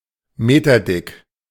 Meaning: metres-thick
- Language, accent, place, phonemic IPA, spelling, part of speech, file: German, Germany, Berlin, /ˈmeːtɐdɪk/, meterdick, adjective, De-meterdick.ogg